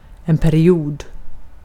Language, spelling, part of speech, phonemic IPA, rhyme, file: Swedish, period, noun, /pɛrːjuːd/, -uːd, Sv-period.ogg
- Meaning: 1. a period, a limited amount of time 2. period 3. quarter (one of four equal periods into which a game is divided)